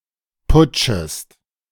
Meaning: second-person singular subjunctive I of putschen
- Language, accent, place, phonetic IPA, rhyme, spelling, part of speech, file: German, Germany, Berlin, [ˈpʊt͡ʃəst], -ʊt͡ʃəst, putschest, verb, De-putschest.ogg